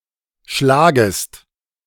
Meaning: second-person singular subjunctive I of schlagen
- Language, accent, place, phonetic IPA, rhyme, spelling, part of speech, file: German, Germany, Berlin, [ˈʃlaːɡəst], -aːɡəst, schlagest, verb, De-schlagest.ogg